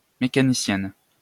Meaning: female equivalent of mécanicien (“mechanic”)
- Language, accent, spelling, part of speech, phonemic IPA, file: French, France, mécanicienne, noun, /me.ka.ni.sjɛn/, LL-Q150 (fra)-mécanicienne.wav